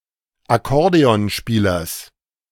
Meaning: genitive singular of Akkordeonspieler
- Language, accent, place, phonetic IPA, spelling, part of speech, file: German, Germany, Berlin, [aˈkɔʁdeɔnˌʃpiːlɐs], Akkordeonspielers, noun, De-Akkordeonspielers.ogg